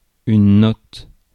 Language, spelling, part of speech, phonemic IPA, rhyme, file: French, note, noun / verb, /nɔt/, -ɔt, Fr-note.ogg
- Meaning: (noun) 1. note (written or spoken) 2. mark (UK), grade (US) 3. bill (UK, US), check (US) 4. note 5. touch, hint, note